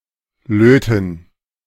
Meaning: 1. to solder 2. to have sex
- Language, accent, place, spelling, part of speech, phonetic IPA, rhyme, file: German, Germany, Berlin, löten, verb, [ˈløːtn̩], -øːtn̩, De-löten.ogg